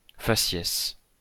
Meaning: 1. facies; appearance 2. facies
- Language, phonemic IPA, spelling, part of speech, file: French, /fa.sjɛs/, faciès, noun, LL-Q150 (fra)-faciès.wav